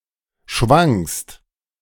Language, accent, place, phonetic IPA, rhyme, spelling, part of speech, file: German, Germany, Berlin, [ʃvaŋkst], -aŋkst, schwankst, verb, De-schwankst.ogg
- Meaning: second-person singular present of schwanken